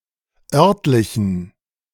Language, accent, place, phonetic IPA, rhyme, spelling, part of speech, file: German, Germany, Berlin, [ˈœʁtlɪçn̩], -œʁtlɪçn̩, örtlichen, adjective, De-örtlichen.ogg
- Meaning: inflection of örtlich: 1. strong genitive masculine/neuter singular 2. weak/mixed genitive/dative all-gender singular 3. strong/weak/mixed accusative masculine singular 4. strong dative plural